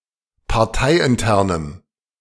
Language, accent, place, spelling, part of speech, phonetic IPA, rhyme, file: German, Germany, Berlin, parteiinternem, adjective, [paʁˈtaɪ̯ʔɪnˌtɛʁnəm], -aɪ̯ʔɪntɛʁnəm, De-parteiinternem.ogg
- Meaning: strong dative masculine/neuter singular of parteiintern